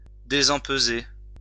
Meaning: 1. to unstarch, to take out the starch 2. to become unstarched
- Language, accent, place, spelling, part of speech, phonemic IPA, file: French, France, Lyon, désempeser, verb, /de.zɑ̃p.ze/, LL-Q150 (fra)-désempeser.wav